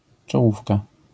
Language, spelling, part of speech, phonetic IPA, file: Polish, czołówka, noun, [t͡ʃɔˈwufka], LL-Q809 (pol)-czołówka.wav